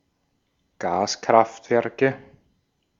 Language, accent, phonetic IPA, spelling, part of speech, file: German, Austria, [ˈɡaːskʁaftˌvɛʁkə], Gaskraftwerke, noun, De-at-Gaskraftwerke.ogg
- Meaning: nominative/accusative/genitive plural of Gaskraftwerk